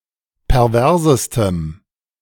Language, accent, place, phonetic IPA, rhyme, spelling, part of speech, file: German, Germany, Berlin, [pɛʁˈvɛʁzəstəm], -ɛʁzəstəm, perversestem, adjective, De-perversestem.ogg
- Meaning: strong dative masculine/neuter singular superlative degree of pervers